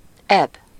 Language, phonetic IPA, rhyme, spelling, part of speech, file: Hungarian, [ˈɛb], -ɛb, eb, noun, Hu-eb.ogg
- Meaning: dog